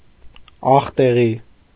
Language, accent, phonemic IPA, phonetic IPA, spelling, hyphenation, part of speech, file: Armenian, Eastern Armenian, /ɑχteˈʁi/, [ɑχteʁí], աղտեղի, աղ‧տե‧ղի, adjective, Hy-աղտեղի.ogg
- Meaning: dirty, impure